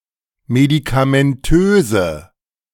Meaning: inflection of medikamentös: 1. strong/mixed nominative/accusative feminine singular 2. strong nominative/accusative plural 3. weak nominative all-gender singular
- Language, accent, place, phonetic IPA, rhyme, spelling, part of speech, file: German, Germany, Berlin, [medikamɛnˈtøːzə], -øːzə, medikamentöse, adjective, De-medikamentöse.ogg